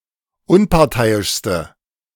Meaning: inflection of unparteiisch: 1. strong/mixed nominative/accusative feminine singular superlative degree 2. strong nominative/accusative plural superlative degree
- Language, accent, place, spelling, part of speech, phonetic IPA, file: German, Germany, Berlin, unparteiischste, adjective, [ˈʊnpaʁˌtaɪ̯ɪʃstə], De-unparteiischste.ogg